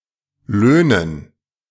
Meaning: dative plural of Lohn
- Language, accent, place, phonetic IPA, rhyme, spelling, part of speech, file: German, Germany, Berlin, [ˈløːnən], -øːnən, Löhnen, noun, De-Löhnen.ogg